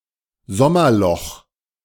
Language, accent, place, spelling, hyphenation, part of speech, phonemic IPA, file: German, Germany, Berlin, Sommerloch, Som‧mer‧loch, noun, /ˈzɔmɐˌlɔx/, De-Sommerloch.ogg
- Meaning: silly season; slow news day (time during the summer break when the media resort to reporting largely inconsequential stories)